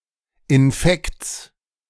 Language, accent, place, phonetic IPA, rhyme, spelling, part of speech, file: German, Germany, Berlin, [ɪnˈfɛkt͡s], -ɛkt͡s, Infekts, noun, De-Infekts.ogg
- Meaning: genitive singular of Infekt